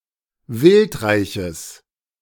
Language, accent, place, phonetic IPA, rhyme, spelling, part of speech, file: German, Germany, Berlin, [ˈvɪltˌʁaɪ̯çəs], -ɪltʁaɪ̯çəs, wildreiches, adjective, De-wildreiches.ogg
- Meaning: strong/mixed nominative/accusative neuter singular of wildreich